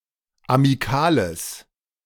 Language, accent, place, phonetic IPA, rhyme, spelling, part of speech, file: German, Germany, Berlin, [amiˈkaːləs], -aːləs, amikales, adjective, De-amikales.ogg
- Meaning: strong/mixed nominative/accusative neuter singular of amikal